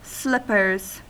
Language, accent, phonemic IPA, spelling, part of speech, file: English, US, /ˈslɪpə(ɹ)z/, slippers, noun / verb, En-us-slippers.ogg
- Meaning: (noun) plural of slipper; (verb) third-person singular simple present indicative of slipper